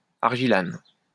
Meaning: argillan
- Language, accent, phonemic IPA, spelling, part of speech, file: French, France, /aʁ.ʒi.lan/, argilane, noun, LL-Q150 (fra)-argilane.wav